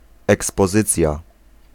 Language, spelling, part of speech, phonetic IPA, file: Polish, ekspozycja, noun, [ˌɛkspɔˈzɨt͡sʲja], Pl-ekspozycja.ogg